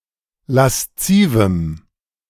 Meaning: strong dative masculine/neuter singular of lasziv
- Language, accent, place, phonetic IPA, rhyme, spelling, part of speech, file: German, Germany, Berlin, [lasˈt͡siːvm̩], -iːvm̩, laszivem, adjective, De-laszivem.ogg